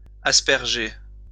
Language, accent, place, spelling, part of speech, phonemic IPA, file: French, France, Lyon, asperger, verb, /as.pɛʁ.ʒe/, LL-Q150 (fra)-asperger.wav
- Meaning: 1. to spray, sprinkle 2. to splash, splatter